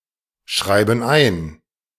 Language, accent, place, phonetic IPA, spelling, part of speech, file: German, Germany, Berlin, [ˌʃʁaɪ̯bn̩ ˈaɪ̯n], schreiben ein, verb, De-schreiben ein.ogg
- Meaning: inflection of einschreiben: 1. first/third-person plural present 2. first/third-person plural subjunctive I